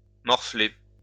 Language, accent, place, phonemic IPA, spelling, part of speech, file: French, France, Lyon, /mɔʁ.fle/, morfler, verb, LL-Q150 (fra)-morfler.wav
- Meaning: to pay, to be in for it